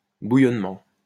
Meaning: 1. bubbling, boiling 2. ferment
- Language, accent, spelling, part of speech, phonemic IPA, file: French, France, bouillonnement, noun, /bu.jɔn.mɑ̃/, LL-Q150 (fra)-bouillonnement.wav